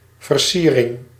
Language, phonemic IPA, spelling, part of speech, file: Dutch, /vərˈsirɪŋ/, versiering, noun, Nl-versiering.ogg
- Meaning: decoration